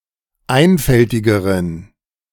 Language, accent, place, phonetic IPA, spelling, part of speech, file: German, Germany, Berlin, [ˈaɪ̯nfɛltɪɡəʁən], einfältigeren, adjective, De-einfältigeren.ogg
- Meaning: inflection of einfältig: 1. strong genitive masculine/neuter singular comparative degree 2. weak/mixed genitive/dative all-gender singular comparative degree